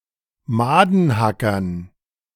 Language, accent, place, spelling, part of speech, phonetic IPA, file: German, Germany, Berlin, Madenhackern, noun, [ˈmaːdn̩ˌhakɐn], De-Madenhackern.ogg
- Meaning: dative plural of Madenhacker